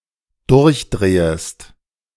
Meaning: second-person singular dependent subjunctive I of durchdrehen
- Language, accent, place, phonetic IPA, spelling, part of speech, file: German, Germany, Berlin, [ˈdʊʁçˌdʁeːəst], durchdrehest, verb, De-durchdrehest.ogg